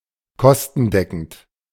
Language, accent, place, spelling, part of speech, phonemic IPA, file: German, Germany, Berlin, kostendeckend, adjective, /ˈkɔstn̩ˌdɛkn̩t/, De-kostendeckend.ogg
- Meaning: cost-covering